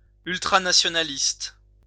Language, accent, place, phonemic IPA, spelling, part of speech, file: French, France, Lyon, /yl.tʁa.na.sjɔ.na.list/, ultranationaliste, adjective, LL-Q150 (fra)-ultranationaliste.wav
- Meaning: ultranationalist